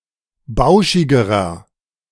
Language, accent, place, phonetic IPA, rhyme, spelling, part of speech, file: German, Germany, Berlin, [ˈbaʊ̯ʃɪɡəʁɐ], -aʊ̯ʃɪɡəʁɐ, bauschigerer, adjective, De-bauschigerer.ogg
- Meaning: inflection of bauschig: 1. strong/mixed nominative masculine singular comparative degree 2. strong genitive/dative feminine singular comparative degree 3. strong genitive plural comparative degree